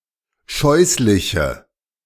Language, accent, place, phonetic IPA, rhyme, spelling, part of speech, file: German, Germany, Berlin, [ˈʃɔɪ̯slɪçə], -ɔɪ̯slɪçə, scheußliche, adjective, De-scheußliche.ogg
- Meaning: inflection of scheußlich: 1. strong/mixed nominative/accusative feminine singular 2. strong nominative/accusative plural 3. weak nominative all-gender singular